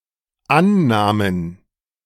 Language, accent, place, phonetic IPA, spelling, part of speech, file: German, Germany, Berlin, [ˈannaːmən], Annahmen, noun, De-Annahmen.ogg
- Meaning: plural of Annahme